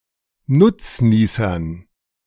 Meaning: dative plural of Nutznießer
- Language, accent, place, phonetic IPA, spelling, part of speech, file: German, Germany, Berlin, [ˈnʊt͡sˌniːsɐn], Nutznießern, noun, De-Nutznießern.ogg